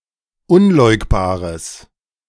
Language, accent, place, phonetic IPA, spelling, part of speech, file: German, Germany, Berlin, [ˈʊnˌlɔɪ̯kbaːʁəs], unleugbares, adjective, De-unleugbares.ogg
- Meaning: strong/mixed nominative/accusative neuter singular of unleugbar